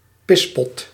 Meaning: a pisspot, a chamberpot
- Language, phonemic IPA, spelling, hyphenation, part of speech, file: Dutch, /ˈpɪs.pɔt/, pispot, pis‧pot, noun, Nl-pispot.ogg